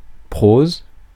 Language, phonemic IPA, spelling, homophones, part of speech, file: French, /pʁoz/, prose, proses, noun / verb, Fr-prose.ogg
- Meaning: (noun) prose; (verb) inflection of proser: 1. first/third-person singular present indicative/subjunctive 2. second-person singular imperative